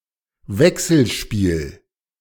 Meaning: interplay
- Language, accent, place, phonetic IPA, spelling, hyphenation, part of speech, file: German, Germany, Berlin, [ˈvɛksl̩ˌʃpiːl], Wechselspiel, Wech‧sel‧spiel, noun, De-Wechselspiel.ogg